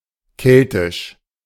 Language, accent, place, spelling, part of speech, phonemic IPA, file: German, Germany, Berlin, keltisch, adjective, /ˈkɛltɪʃ/, De-keltisch.ogg
- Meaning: Celtic (of the Celts; of the style of the Celts)